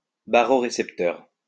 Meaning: baroreceptor
- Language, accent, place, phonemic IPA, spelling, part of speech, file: French, France, Lyon, /ba.ʁɔ.ʁe.sɛp.tœʁ/, barorécepteur, noun, LL-Q150 (fra)-barorécepteur.wav